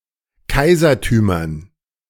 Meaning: dative plural of Kaisertum
- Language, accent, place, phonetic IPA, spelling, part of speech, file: German, Germany, Berlin, [ˈkaɪ̯zɐtyːmɐn], Kaisertümern, noun, De-Kaisertümern.ogg